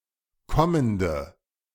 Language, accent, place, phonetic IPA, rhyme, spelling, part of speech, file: German, Germany, Berlin, [ˈkɔməndə], -ɔməndə, kommende, adjective, De-kommende.ogg
- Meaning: inflection of kommend: 1. strong/mixed nominative/accusative feminine singular 2. strong nominative/accusative plural 3. weak nominative all-gender singular 4. weak accusative feminine/neuter singular